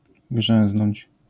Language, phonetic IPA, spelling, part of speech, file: Polish, [ˈɡʒɛ̃w̃znɔ̃ɲt͡ɕ], grzęznąć, verb, LL-Q809 (pol)-grzęznąć.wav